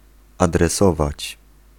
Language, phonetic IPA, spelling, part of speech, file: Polish, [ˌadrɛˈsɔvat͡ɕ], adresować, verb, Pl-adresować.ogg